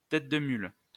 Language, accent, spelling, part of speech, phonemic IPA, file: French, France, tête de mule, noun, /tɛt də myl/, LL-Q150 (fra)-tête de mule.wav
- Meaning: stubborn person, pigheaded person